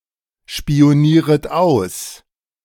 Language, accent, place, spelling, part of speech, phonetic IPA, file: German, Germany, Berlin, spionieret aus, verb, [ʃpi̯oˌniːʁət ˈaʊ̯s], De-spionieret aus.ogg
- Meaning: second-person plural subjunctive I of ausspionieren